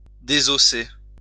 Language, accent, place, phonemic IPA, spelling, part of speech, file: French, France, Lyon, /de.zɔ.se/, désosser, verb, LL-Q150 (fra)-désosser.wav
- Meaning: 1. to debone 2. to dismantle, to take apart